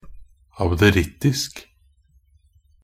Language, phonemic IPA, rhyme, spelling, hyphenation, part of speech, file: Norwegian Bokmål, /abdəˈrɪtːɪsk/, -ɪsk, abderittisk, ab‧de‧ritt‧isk, adjective, Nb-abderittisk.ogg
- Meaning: abderian (foolish; absurd; ridiculous; inclined to incessant merriment or laughter)